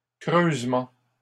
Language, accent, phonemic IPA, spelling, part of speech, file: French, Canada, /kʁøz.mɑ̃/, creusements, noun, LL-Q150 (fra)-creusements.wav
- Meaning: plural of creusement